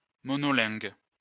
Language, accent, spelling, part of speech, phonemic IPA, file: French, France, monolingue, adjective, /mɔ.nɔ.lɛ̃ɡ/, LL-Q150 (fra)-monolingue.wav
- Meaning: monolingual